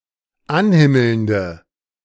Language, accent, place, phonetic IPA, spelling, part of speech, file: German, Germany, Berlin, [ˈanˌhɪml̩ndə], anhimmelnde, adjective, De-anhimmelnde.ogg
- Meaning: inflection of anhimmelnd: 1. strong/mixed nominative/accusative feminine singular 2. strong nominative/accusative plural 3. weak nominative all-gender singular